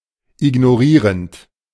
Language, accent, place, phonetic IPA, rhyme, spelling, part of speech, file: German, Germany, Berlin, [ɪɡnoˈʁiːʁənt], -iːʁənt, ignorierend, verb, De-ignorierend.ogg
- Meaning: present participle of ignorieren